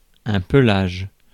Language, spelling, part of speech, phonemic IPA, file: French, pelage, noun, /pə.laʒ/, Fr-pelage.ogg
- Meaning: fur